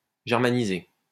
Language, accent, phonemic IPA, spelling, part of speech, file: French, France, /ʒɛʁ.ma.ni.ze/, germaniser, verb, LL-Q150 (fra)-germaniser.wav
- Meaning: to Germanize